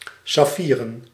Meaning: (adjective) sapphire (consisting of sapphire, made of sapphire); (noun) plural of saffier
- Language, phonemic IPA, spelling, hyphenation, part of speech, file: Dutch, /sɑˈfiː.rə(n)/, saffieren, saf‧fie‧ren, adjective / noun, Nl-saffieren.ogg